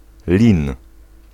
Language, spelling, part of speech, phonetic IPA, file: Polish, lin, noun, [lʲĩn], Pl-lin.ogg